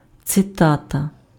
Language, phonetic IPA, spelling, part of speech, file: Ukrainian, [t͡seˈtatɐ], цитата, noun, Uk-цитата.ogg
- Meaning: quotation, citation (fragment of a human expression)